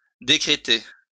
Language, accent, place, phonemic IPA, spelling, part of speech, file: French, France, Lyon, /de.kʁe.te/, décréter, verb, LL-Q150 (fra)-décréter.wav
- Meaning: 1. to order, decree 2. to declare (a state of emergency)